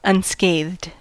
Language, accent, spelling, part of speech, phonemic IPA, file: English, US, unscathed, adjective, /ʌnˈskeɪðd/, En-us-unscathed.ogg
- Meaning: Not harmed or damaged in any way; untouched